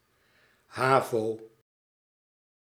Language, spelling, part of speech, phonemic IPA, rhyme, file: Dutch, havo, proper noun, /ˈɦaː.voː/, -aːvoː, Nl-havo.ogg
- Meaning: initialism of Hoger algemeen voortgezet onderwijs